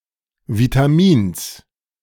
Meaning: genitive singular of Vitamin
- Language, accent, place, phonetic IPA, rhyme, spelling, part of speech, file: German, Germany, Berlin, [vitaˈmiːns], -iːns, Vitamins, noun, De-Vitamins.ogg